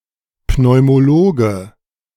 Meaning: pulmonologist (male or of unspecified gender)
- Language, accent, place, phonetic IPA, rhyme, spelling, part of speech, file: German, Germany, Berlin, [pnɔɪ̯moˈloːɡə], -oːɡə, Pneumologe, noun, De-Pneumologe.ogg